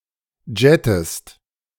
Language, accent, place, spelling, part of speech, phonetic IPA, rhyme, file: German, Germany, Berlin, jettest, verb, [ˈd͡ʒɛtəst], -ɛtəst, De-jettest.ogg
- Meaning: inflection of jetten: 1. second-person singular present 2. second-person singular subjunctive I